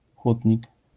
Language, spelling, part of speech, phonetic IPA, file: Polish, hutnik, noun, [ˈxutʲɲik], LL-Q809 (pol)-hutnik.wav